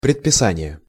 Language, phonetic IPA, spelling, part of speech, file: Russian, [prʲɪtpʲɪˈsanʲɪje], предписание, noun, Ru-предписание.ogg
- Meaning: 1. regulation, injunction (law or administrative rule) 2. prescription (written order for the administration of a medicine)